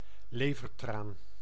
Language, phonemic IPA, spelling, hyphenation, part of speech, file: Dutch, /ˈleː.vərˌtraːn/, levertraan, le‧ver‧traan, noun, Nl-levertraan.ogg
- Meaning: cod liver oil